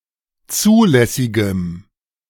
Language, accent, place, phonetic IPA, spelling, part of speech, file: German, Germany, Berlin, [ˈt͡suːlɛsɪɡəm], zulässigem, adjective, De-zulässigem.ogg
- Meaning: strong dative masculine/neuter singular of zulässig